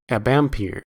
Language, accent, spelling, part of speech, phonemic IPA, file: English, US, abampere, noun, /æˈbæmpɪɹ/, En-us-abampere.ogg
- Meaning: Unit of electrical current in electromagnetic and Gaussian cgs systems of units, equal to 10 amperes in SI units